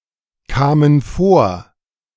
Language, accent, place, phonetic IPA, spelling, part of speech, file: German, Germany, Berlin, [ˌkaːmən ˈfoːɐ̯], kamen vor, verb, De-kamen vor.ogg
- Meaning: first/third-person plural preterite of vorkommen